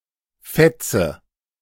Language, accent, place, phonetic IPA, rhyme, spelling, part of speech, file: German, Germany, Berlin, [ˈfɛt͡sə], -ɛt͡sə, fetze, verb, De-fetze.ogg
- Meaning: inflection of fetzen: 1. first-person singular present 2. first/third-person singular subjunctive I 3. singular imperative